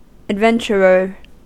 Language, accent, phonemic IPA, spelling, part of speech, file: English, US, /ædˈvɛn.t͡ʃɚ.ɚ/, adventurer, noun, En-us-adventurer.ogg
- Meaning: 1. One who enjoys adventures 2. A person who seeks a fortune in new and possibly dangerous enterprises 3. A soldier of fortune, a speculator